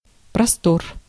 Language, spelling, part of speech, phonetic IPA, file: Russian, простор, noun, [prɐˈstor], Ru-простор.ogg
- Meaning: 1. open space, expanse 2. freedom 3. scope, range